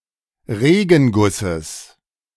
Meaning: genitive singular of Regenguss
- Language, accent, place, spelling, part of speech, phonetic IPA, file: German, Germany, Berlin, Regengusses, noun, [ˈʁeːɡn̩ˌɡʊsəs], De-Regengusses.ogg